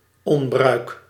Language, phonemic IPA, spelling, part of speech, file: Dutch, /ˈɔm.brœy̯k/, onbruik, noun, Nl-onbruik.ogg
- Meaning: disuse